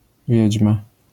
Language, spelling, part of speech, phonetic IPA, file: Polish, wiedźma, noun, [ˈvʲjɛ̇d͡ʑma], LL-Q809 (pol)-wiedźma.wav